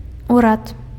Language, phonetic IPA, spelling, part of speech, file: Belarusian, [uˈrat], урад, noun, Be-урад.ogg
- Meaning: government